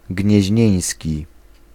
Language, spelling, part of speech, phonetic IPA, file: Polish, gnieźnieński, adjective, [ɟɲɛ̇ʑˈɲɛ̇̃j̃sʲci], Pl-gnieźnieński.ogg